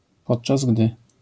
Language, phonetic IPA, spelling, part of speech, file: Polish, [ˈpɔṭt͡ʃaz ˈɡdɨ], podczas gdy, phrase, LL-Q809 (pol)-podczas gdy.wav